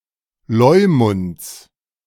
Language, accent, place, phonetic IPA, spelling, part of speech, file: German, Germany, Berlin, [ˈlɔɪ̯mʊnt͡s], Leumunds, noun, De-Leumunds.ogg
- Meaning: genitive of Leumund